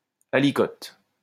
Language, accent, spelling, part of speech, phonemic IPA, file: French, France, aliquote, noun, /a.li.kɔt/, LL-Q150 (fra)-aliquote.wav
- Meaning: aliquot